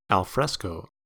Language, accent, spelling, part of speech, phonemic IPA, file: English, US, alfresco, adjective / adverb, /ælˈfɹɛs.koʊ/, En-us-alfresco.ogg
- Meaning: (adjective) Outdoor, open to the atmosphere; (adverb) 1. Outdoors; in fresh air 2. Onto fresh plaster that is still moist